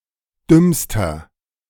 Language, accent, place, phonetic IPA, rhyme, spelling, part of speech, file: German, Germany, Berlin, [ˈdʏmstɐ], -ʏmstɐ, dümmster, adjective, De-dümmster.ogg
- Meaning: inflection of dumm: 1. strong/mixed nominative masculine singular superlative degree 2. strong genitive/dative feminine singular superlative degree 3. strong genitive plural superlative degree